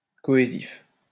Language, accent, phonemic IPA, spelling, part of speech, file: French, France, /kɔ.e.zif/, cohésif, adjective, LL-Q150 (fra)-cohésif.wav
- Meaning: cohesive